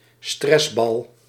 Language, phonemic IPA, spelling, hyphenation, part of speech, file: Dutch, /ˈstrɛs.bɑl/, stressbal, stress‧bal, noun, Nl-stressbal.ogg
- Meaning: a stress ball